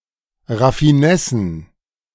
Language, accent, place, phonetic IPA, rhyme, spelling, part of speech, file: German, Germany, Berlin, [ʁafiˈnɛsn̩], -ɛsn̩, Raffinessen, noun, De-Raffinessen.ogg
- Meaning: plural of Raffinesse